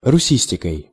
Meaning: instrumental singular of руси́стика (rusístika)
- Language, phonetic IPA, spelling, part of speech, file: Russian, [rʊˈsʲisʲtʲɪkəj], русистикой, noun, Ru-русистикой.ogg